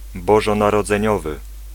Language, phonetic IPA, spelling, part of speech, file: Polish, [ˌbɔʒɔ̃narɔd͡zɛ̃ˈɲɔvɨ], bożonarodzeniowy, adjective, Pl-bożonarodzeniowy.ogg